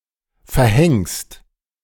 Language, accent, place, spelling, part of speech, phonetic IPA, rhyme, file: German, Germany, Berlin, verhängst, verb, [fɛɐ̯ˈhɛŋst], -ɛŋst, De-verhängst.ogg
- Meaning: second-person singular present of verhängen